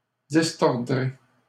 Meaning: first-person singular simple future of distordre
- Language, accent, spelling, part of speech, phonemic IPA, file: French, Canada, distordrai, verb, /dis.tɔʁ.dʁe/, LL-Q150 (fra)-distordrai.wav